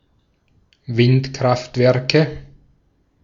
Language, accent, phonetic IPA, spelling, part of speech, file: German, Austria, [ˈvɪntˌkʁaftvɛʁkə], Windkraftwerke, noun, De-at-Windkraftwerke.ogg
- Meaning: nominative/accusative/genitive plural of Windkraftwerk